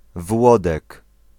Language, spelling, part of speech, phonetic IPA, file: Polish, Włodek, proper noun, [ˈvwɔdɛk], Pl-Włodek.ogg